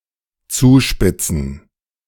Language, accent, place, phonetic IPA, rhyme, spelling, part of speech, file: German, Germany, Berlin, [ˈt͡suːˌʃpɪt͡sn̩], -uːʃpɪt͡sn̩, zuspitzen, verb, De-zuspitzen.ogg
- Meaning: 1. to sharpen, to point 2. to sharpen, to narrow down, to aggravate, to exaggerate 3. to taper 4. to get worse, to escalate, to come to a head